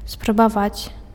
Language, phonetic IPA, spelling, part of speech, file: Belarusian, [sprabaˈvat͡sʲ], спрабаваць, verb, Be-спрабаваць.ogg
- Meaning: to attempt, to try